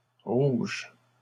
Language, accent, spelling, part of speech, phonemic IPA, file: French, Canada, rouges, noun, /ʁuʒ/, LL-Q150 (fra)-rouges.wav
- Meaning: plural of rouge